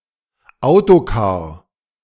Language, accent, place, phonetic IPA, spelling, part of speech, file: German, Germany, Berlin, [ˈaʊ̯toˌkaːɐ̯], Autocar, noun, De-Autocar.ogg
- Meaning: coach